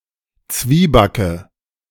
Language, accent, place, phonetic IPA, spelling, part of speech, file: German, Germany, Berlin, [ˈt͡sviːbakə], Zwiebacke, noun, De-Zwiebacke.ogg
- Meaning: nominative/accusative/genitive plural of Zwieback